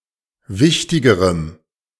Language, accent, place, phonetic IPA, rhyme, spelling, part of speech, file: German, Germany, Berlin, [ˈvɪçtɪɡəʁəm], -ɪçtɪɡəʁəm, wichtigerem, adjective, De-wichtigerem.ogg
- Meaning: strong dative masculine/neuter singular comparative degree of wichtig